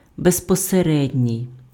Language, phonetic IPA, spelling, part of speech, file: Ukrainian, [bezpɔseˈrɛdʲnʲii̯], безпосередній, adjective, Uk-безпосередній.ogg
- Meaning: direct, immediate